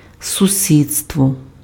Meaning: neighbourhood (UK), neighborhood (US), vicinity (area nearby)
- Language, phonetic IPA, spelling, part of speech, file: Ukrainian, [sʊˈsʲid͡zstwɔ], сусідство, noun, Uk-сусідство.ogg